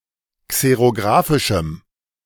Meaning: strong dative masculine/neuter singular of xerographisch
- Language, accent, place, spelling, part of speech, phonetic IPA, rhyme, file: German, Germany, Berlin, xerographischem, adjective, [ˌkseʁoˈɡʁaːfɪʃm̩], -aːfɪʃm̩, De-xerographischem.ogg